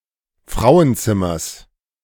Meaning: genitive singular of Frauenzimmer
- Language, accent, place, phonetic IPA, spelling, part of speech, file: German, Germany, Berlin, [ˈfʁaʊ̯ənˌt͡sɪmɐs], Frauenzimmers, noun, De-Frauenzimmers.ogg